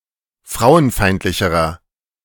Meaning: inflection of frauenfeindlich: 1. strong/mixed nominative masculine singular comparative degree 2. strong genitive/dative feminine singular comparative degree
- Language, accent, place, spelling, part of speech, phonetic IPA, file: German, Germany, Berlin, frauenfeindlicherer, adjective, [ˈfʁaʊ̯ənˌfaɪ̯ntlɪçəʁɐ], De-frauenfeindlicherer.ogg